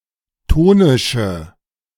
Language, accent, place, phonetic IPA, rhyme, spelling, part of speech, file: German, Germany, Berlin, [ˈtoːnɪʃə], -oːnɪʃə, tonische, adjective, De-tonische.ogg
- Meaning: inflection of tonisch: 1. strong/mixed nominative/accusative feminine singular 2. strong nominative/accusative plural 3. weak nominative all-gender singular 4. weak accusative feminine/neuter singular